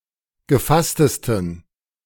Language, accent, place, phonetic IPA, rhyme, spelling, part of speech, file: German, Germany, Berlin, [ɡəˈfastəstn̩], -astəstn̩, gefasstesten, adjective, De-gefasstesten.ogg
- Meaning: 1. superlative degree of gefasst 2. inflection of gefasst: strong genitive masculine/neuter singular superlative degree